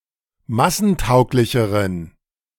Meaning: inflection of massentauglich: 1. strong genitive masculine/neuter singular comparative degree 2. weak/mixed genitive/dative all-gender singular comparative degree
- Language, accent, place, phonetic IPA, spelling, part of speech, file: German, Germany, Berlin, [ˈmasn̩ˌtaʊ̯klɪçəʁən], massentauglicheren, adjective, De-massentauglicheren.ogg